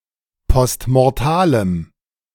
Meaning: strong dative masculine/neuter singular of postmortal
- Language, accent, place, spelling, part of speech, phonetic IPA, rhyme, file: German, Germany, Berlin, postmortalem, adjective, [pɔstmɔʁˈtaːləm], -aːləm, De-postmortalem.ogg